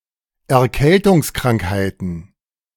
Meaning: plural of Erkältungskrankheit
- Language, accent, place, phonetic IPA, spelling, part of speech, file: German, Germany, Berlin, [ɛɐ̯ˈkɛltʊŋsˌkʁaŋkhaɪ̯tn̩], Erkältungskrankheiten, noun, De-Erkältungskrankheiten.ogg